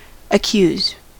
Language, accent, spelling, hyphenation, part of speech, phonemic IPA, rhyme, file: English, US, accuse, ac‧cuse, verb / noun, /əˈkjuz/, -uːz, En-us-accuse.ogg
- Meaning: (verb) 1. To find fault with, blame, censure 2. To charge with having committed a crime or offence 3. To make an accusation against someone; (noun) Accusation